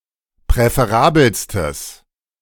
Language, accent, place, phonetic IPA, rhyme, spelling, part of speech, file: German, Germany, Berlin, [pʁɛfeˈʁaːbl̩stəs], -aːbl̩stəs, präferabelstes, adjective, De-präferabelstes.ogg
- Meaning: strong/mixed nominative/accusative neuter singular superlative degree of präferabel